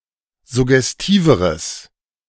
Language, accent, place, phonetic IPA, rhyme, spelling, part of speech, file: German, Germany, Berlin, [zʊɡɛsˈtiːvəʁəs], -iːvəʁəs, suggestiveres, adjective, De-suggestiveres.ogg
- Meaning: strong/mixed nominative/accusative neuter singular comparative degree of suggestiv